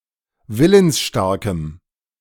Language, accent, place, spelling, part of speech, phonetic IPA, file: German, Germany, Berlin, willensstarkem, adjective, [ˈvɪlənsˌʃtaʁkəm], De-willensstarkem.ogg
- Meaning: strong dative masculine/neuter singular of willensstark